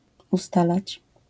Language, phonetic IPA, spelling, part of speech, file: Polish, [uˈstalat͡ɕ], ustalać, verb, LL-Q809 (pol)-ustalać.wav